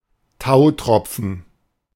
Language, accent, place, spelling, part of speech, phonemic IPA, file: German, Germany, Berlin, Tautropfen, noun, /ˈtaʊ̯ˌtʁɔp͡fn̩/, De-Tautropfen.ogg
- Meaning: dewdrop